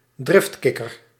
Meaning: hothead (person who is easily angered)
- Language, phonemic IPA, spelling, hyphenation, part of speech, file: Dutch, /ˈdrɪftˌkɪ.kər/, driftkikker, drift‧kik‧ker, noun, Nl-driftkikker.ogg